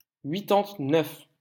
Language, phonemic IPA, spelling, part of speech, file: French, /ɥi.tɑ̃t.nœf/, huitante-neuf, numeral, LL-Q150 (fra)-huitante-neuf.wav
- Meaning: eighty-nine